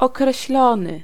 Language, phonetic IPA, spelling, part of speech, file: Polish, [ˌɔkrɛɕˈlɔ̃nɨ], określony, verb / adjective, Pl-określony.ogg